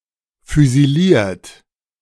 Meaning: 1. past participle of füsilieren 2. inflection of füsilieren: second-person plural present 3. inflection of füsilieren: third-person singular present 4. inflection of füsilieren: plural imperative
- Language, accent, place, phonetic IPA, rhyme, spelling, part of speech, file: German, Germany, Berlin, [fyziˈliːɐ̯t], -iːɐ̯t, füsiliert, verb, De-füsiliert.ogg